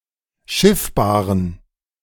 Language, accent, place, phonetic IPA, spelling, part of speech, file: German, Germany, Berlin, [ˈʃɪfbaːʁən], schiffbaren, adjective, De-schiffbaren.ogg
- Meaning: inflection of schiffbar: 1. strong genitive masculine/neuter singular 2. weak/mixed genitive/dative all-gender singular 3. strong/weak/mixed accusative masculine singular 4. strong dative plural